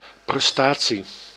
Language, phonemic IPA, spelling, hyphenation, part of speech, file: Dutch, /prɛsˈtaː.(t)si/, prestatie, pres‧ta‧tie, noun, Nl-prestatie.ogg
- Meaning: 1. feat, accomplishment, achievement 2. performance